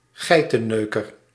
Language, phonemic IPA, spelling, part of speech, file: Dutch, /ˈɣɛitəˌnøkər/, geitenneuker, noun, Nl-geitenneuker.ogg
- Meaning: goatfucker, Muslim, Arab